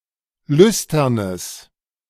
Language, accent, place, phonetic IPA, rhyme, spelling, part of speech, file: German, Germany, Berlin, [ˈlʏstɐnəs], -ʏstɐnəs, lüsternes, adjective, De-lüsternes.ogg
- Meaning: strong/mixed nominative/accusative neuter singular of lüstern